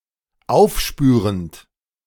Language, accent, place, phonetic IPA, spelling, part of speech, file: German, Germany, Berlin, [ˈaʊ̯fˌʃpyːʁənt], aufspürend, verb, De-aufspürend.ogg
- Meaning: present participle of aufspüren